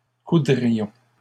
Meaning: first-person plural conditional of coudre
- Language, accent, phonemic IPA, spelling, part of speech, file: French, Canada, /ku.dʁi.jɔ̃/, coudrions, verb, LL-Q150 (fra)-coudrions.wav